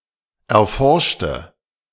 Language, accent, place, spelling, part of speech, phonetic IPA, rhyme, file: German, Germany, Berlin, erforschte, adjective / verb, [ɛɐ̯ˈfɔʁʃtə], -ɔʁʃtə, De-erforschte.ogg
- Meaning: inflection of erforscht: 1. strong/mixed nominative/accusative feminine singular 2. strong nominative/accusative plural 3. weak nominative all-gender singular